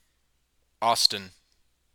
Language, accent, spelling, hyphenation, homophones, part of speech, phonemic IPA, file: English, US, Austin, Aus‧tin, Austen, proper noun / adjective, /ˈɔstɪn/, En-us-Austin.oga
- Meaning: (proper noun) 1. A male given name from Old French, of Anglo-Norman origin 2. An English surname originating as a patronymic from the given name 3. A male given name transferred from the surname